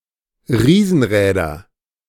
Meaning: nominative/accusative/genitive plural of Riesenrad
- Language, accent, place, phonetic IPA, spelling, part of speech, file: German, Germany, Berlin, [ˈʁiːzn̩ˌʁɛːdɐ], Riesenräder, noun, De-Riesenräder.ogg